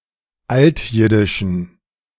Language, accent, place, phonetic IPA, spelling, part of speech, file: German, Germany, Berlin, [ˈaltˌjɪdɪʃn̩], altjiddischen, adjective, De-altjiddischen.ogg
- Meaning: inflection of altjiddisch: 1. strong genitive masculine/neuter singular 2. weak/mixed genitive/dative all-gender singular 3. strong/weak/mixed accusative masculine singular 4. strong dative plural